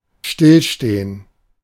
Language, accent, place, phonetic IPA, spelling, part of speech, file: German, Germany, Berlin, [ˈʃtɪlˌʃteːən], stillstehen, verb, De-stillstehen.ogg
- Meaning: 1. to stand still 2. to stand still: to halt 3. to stop (e.g. of a machine)